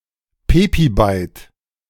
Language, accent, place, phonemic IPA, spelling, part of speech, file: German, Germany, Berlin, /ˈpeːbiˌbaɪ̯t/, Pebibyte, noun, De-Pebibyte.ogg
- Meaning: pebibyte (2⁵⁰ bytes)